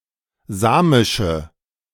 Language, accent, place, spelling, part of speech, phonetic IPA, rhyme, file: German, Germany, Berlin, samische, adjective, [ˈzaːmɪʃə], -aːmɪʃə, De-samische.ogg
- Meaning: inflection of samisch: 1. strong/mixed nominative/accusative feminine singular 2. strong nominative/accusative plural 3. weak nominative all-gender singular 4. weak accusative feminine/neuter singular